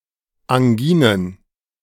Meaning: plural of Angina
- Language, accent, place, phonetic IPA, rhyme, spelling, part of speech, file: German, Germany, Berlin, [aŋˈɡiːnən], -iːnən, Anginen, noun, De-Anginen.ogg